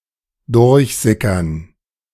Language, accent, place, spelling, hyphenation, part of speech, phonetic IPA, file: German, Germany, Berlin, durchsickern, durch‧si‧ckern, verb, [ˈdʊʁçˌzɪkɐn], De-durchsickern.ogg
- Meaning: 1. to percolate, permeate 2. to leak out; to leak (information)